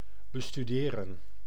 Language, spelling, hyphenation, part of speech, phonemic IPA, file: Dutch, bestuderen, be‧stu‧de‧ren, verb, /bəstyˈdeːrə(n)/, Nl-bestuderen.ogg
- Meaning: to study, investigate